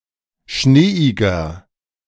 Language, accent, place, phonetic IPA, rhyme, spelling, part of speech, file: German, Germany, Berlin, [ˈʃneːɪɡɐ], -eːɪɡɐ, schneeiger, adjective, De-schneeiger.ogg
- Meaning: 1. comparative degree of schneeig 2. inflection of schneeig: strong/mixed nominative masculine singular 3. inflection of schneeig: strong genitive/dative feminine singular